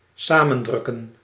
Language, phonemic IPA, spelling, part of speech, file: Dutch, /ˈsaːmə(n)ˌdrʏkən/, samendrukken, verb, Nl-samendrukken.ogg
- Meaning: to compress, press together (e.g. into a smaller space)